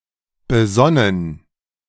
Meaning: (verb) past participle of besinnen; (adjective) prudent, cautious, calm, circumspect
- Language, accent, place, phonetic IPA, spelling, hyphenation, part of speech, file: German, Germany, Berlin, [bəˈzɔnən], besonnen, be‧son‧nen, verb / adjective, De-besonnen.ogg